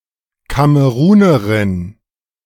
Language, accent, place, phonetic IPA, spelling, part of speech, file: German, Germany, Berlin, [ˈkaməʁuːnəʁɪn], Kamerunerin, noun, De-Kamerunerin.ogg
- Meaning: Cameroonian (female) (person from Cameroon or of Cameroonian descent)